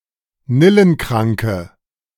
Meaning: inflection of nillenkrank: 1. strong/mixed nominative/accusative feminine singular 2. strong nominative/accusative plural 3. weak nominative all-gender singular
- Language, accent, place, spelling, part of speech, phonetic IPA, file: German, Germany, Berlin, nillenkranke, adjective, [ˈnɪlənˌkʁaŋkə], De-nillenkranke.ogg